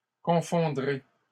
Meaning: second-person plural future of confondre
- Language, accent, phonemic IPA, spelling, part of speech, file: French, Canada, /kɔ̃.fɔ̃.dʁe/, confondrez, verb, LL-Q150 (fra)-confondrez.wav